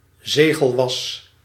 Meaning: the substance sealing wax
- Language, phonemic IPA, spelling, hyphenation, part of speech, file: Dutch, /ˈzeː.ɣəlˌʋɑs/, zegelwas, ze‧gel‧was, noun, Nl-zegelwas.ogg